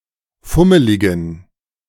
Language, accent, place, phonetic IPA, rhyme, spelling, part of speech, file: German, Germany, Berlin, [ˈfʊməlɪɡn̩], -ʊməlɪɡn̩, fummeligen, adjective, De-fummeligen.ogg
- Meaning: inflection of fummelig: 1. strong genitive masculine/neuter singular 2. weak/mixed genitive/dative all-gender singular 3. strong/weak/mixed accusative masculine singular 4. strong dative plural